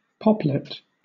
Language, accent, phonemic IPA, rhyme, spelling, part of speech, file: English, Southern England, /ˈpɒp.lɪt/, -ɒplɪt, poplit, noun, LL-Q1860 (eng)-poplit.wav
- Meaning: The shallow depression (fossa) located at the back of the knee joint